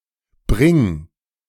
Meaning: imperative singular of bringen
- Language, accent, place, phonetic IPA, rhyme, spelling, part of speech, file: German, Germany, Berlin, [bʁɪŋ], -ɪŋ, bring, verb, De-bring.ogg